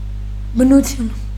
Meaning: nature
- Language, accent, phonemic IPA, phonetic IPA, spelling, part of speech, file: Armenian, Eastern Armenian, /bənuˈtʰjun/, [bənut͡sʰjún], բնություն, noun, Hy-բնություն.ogg